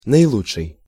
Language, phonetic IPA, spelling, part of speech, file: Russian, [nəɪˈɫut͡ʂʂɨj], наилучший, adjective, Ru-наилучший.ogg
- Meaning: superlative degree of хоро́ший (xoróšij): the best, optimal